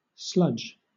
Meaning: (noun) 1. Solids separated from suspension in a liquid 2. A residual semi-solid material left from industrial, water treatment, or wastewater treatment processes
- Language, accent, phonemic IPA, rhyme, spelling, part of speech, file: English, Southern England, /slʌd͡ʒ/, -ʌdʒ, sludge, noun / verb, LL-Q1860 (eng)-sludge.wav